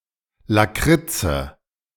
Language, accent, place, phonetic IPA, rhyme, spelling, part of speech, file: German, Germany, Berlin, [laˈkʁɪt͡sə], -ɪt͡sə, Lakritze, noun, De-Lakritze.ogg
- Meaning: alternative form of Lakritz